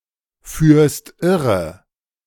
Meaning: second-person singular present of irreführen
- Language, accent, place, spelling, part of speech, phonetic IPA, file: German, Germany, Berlin, führst irre, verb, [ˌfyːɐ̯st ˈɪʁə], De-führst irre.ogg